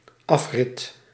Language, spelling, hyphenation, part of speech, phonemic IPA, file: Dutch, afrit, af‧rit, noun, /ˈɑf.rɪt/, Nl-afrit.ogg
- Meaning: highway exit, slip road